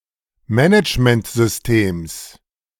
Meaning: genitive singular of Managementsystem
- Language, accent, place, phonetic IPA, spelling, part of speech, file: German, Germany, Berlin, [ˈmɛnɪt͡ʃməntzʏsˌteːms], Managementsystems, noun, De-Managementsystems.ogg